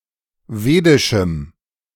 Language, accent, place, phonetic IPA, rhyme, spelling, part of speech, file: German, Germany, Berlin, [ˈveːdɪʃm̩], -eːdɪʃm̩, wedischem, adjective, De-wedischem.ogg
- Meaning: strong dative masculine/neuter singular of wedisch